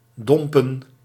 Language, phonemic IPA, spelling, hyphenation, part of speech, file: Dutch, /ˈdɔmpə(n)/, dompen, dom‧pen, verb, Nl-dompen.ogg
- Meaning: 1. to dip, to submerge 2. to turn along the vertical axis, to point/aim in another direction 3. to extinguish, to dim, to put out (of light)